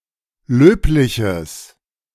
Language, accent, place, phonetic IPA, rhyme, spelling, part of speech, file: German, Germany, Berlin, [ˈløːplɪçəs], -øːplɪçəs, löbliches, adjective, De-löbliches.ogg
- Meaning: strong/mixed nominative/accusative neuter singular of löblich